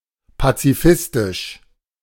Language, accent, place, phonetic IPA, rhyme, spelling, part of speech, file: German, Germany, Berlin, [pat͡siˈfɪstɪʃ], -ɪstɪʃ, pazifistisch, adjective, De-pazifistisch.ogg
- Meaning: pacifistic, pacifistically